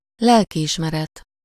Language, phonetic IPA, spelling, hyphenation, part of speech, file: Hungarian, [ˈlɛlkiiʃmɛrɛt], lelkiismeret, lel‧ki‧is‧me‧ret, noun, Hu-lelkiismeret.ogg
- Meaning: conscience (moral sense)